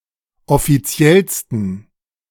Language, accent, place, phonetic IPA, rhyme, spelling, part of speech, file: German, Germany, Berlin, [ɔfiˈt͡si̯ɛlstn̩], -ɛlstn̩, offiziellsten, adjective, De-offiziellsten.ogg
- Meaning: 1. superlative degree of offiziell 2. inflection of offiziell: strong genitive masculine/neuter singular superlative degree